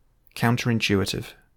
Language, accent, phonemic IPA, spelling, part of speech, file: English, UK, /ˌkaʊntəɹɪnˈtjuːɪtɪv/, counterintuitive, adjective, En-GB-counterintuitive.ogg
- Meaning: Contrary to intuition or common sense